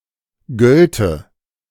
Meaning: first/third-person singular subjunctive II of gelten
- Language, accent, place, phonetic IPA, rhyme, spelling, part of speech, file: German, Germany, Berlin, [ˈɡœltə], -œltə, gölte, verb, De-gölte.ogg